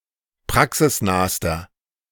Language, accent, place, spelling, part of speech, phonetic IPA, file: German, Germany, Berlin, praxisnahster, adjective, [ˈpʁaksɪsˌnaːstɐ], De-praxisnahster.ogg
- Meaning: inflection of praxisnah: 1. strong/mixed nominative masculine singular superlative degree 2. strong genitive/dative feminine singular superlative degree 3. strong genitive plural superlative degree